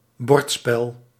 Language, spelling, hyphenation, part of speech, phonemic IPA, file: Dutch, bordspel, bord‧spel, noun, /ˈbɔrt.spɛl/, Nl-bordspel.ogg
- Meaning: board game